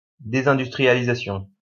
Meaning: deindustrialization
- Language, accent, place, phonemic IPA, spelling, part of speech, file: French, France, Lyon, /de.zɛ̃.dys.tʁi.ja.li.za.sjɔ̃/, désindustrialisation, noun, LL-Q150 (fra)-désindustrialisation.wav